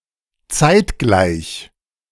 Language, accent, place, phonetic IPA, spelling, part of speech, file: German, Germany, Berlin, [ˈt͡saɪ̯tˌɡlaɪ̯ç], zeitgleich, adjective, De-zeitgleich.ogg
- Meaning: at the same time